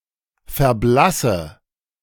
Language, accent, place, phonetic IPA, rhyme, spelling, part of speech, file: German, Germany, Berlin, [fɛɐ̯ˈblasə], -asə, verblasse, verb, De-verblasse.ogg
- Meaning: inflection of verblassen: 1. first-person singular present 2. first/third-person singular subjunctive I 3. singular imperative